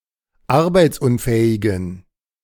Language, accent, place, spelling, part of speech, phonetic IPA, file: German, Germany, Berlin, arbeitsunfähigen, adjective, [ˈaʁbaɪ̯t͡sˌʔʊnfɛːɪɡn̩], De-arbeitsunfähigen.ogg
- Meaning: inflection of arbeitsunfähig: 1. strong genitive masculine/neuter singular 2. weak/mixed genitive/dative all-gender singular 3. strong/weak/mixed accusative masculine singular 4. strong dative plural